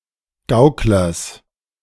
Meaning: genitive singular of Gaukler
- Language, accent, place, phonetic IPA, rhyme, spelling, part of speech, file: German, Germany, Berlin, [ˈɡaʊ̯klɐs], -aʊ̯klɐs, Gauklers, noun, De-Gauklers.ogg